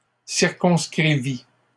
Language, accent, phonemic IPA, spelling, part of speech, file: French, Canada, /siʁ.kɔ̃s.kʁi.vi/, circonscrivis, verb, LL-Q150 (fra)-circonscrivis.wav
- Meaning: first/second-person singular past historic of circonscrire